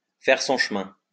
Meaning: to make progress, to gain some acceptance, to catch on
- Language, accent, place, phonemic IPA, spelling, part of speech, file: French, France, Lyon, /fɛʁ sɔ̃ ʃ(ə).mɛ̃/, faire son chemin, verb, LL-Q150 (fra)-faire son chemin.wav